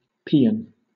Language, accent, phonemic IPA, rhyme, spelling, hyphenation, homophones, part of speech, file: English, Southern England, /ˈpiː.ən/, -iːən, paean, pae‧an, peon, noun / verb, LL-Q1860 (eng)-paean.wav
- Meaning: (noun) A chant or song, especially a hymn of thanksgiving for deliverance or victory, to Apollo or sometimes another god or goddess; hence any song sung to solicit victory in battle